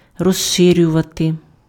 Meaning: 1. to widen, to broaden, to expand, to enlarge, to extend 2. to dilate
- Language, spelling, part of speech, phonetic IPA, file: Ukrainian, розширювати, verb, [rɔʒˈʃɪrʲʊʋɐte], Uk-розширювати.ogg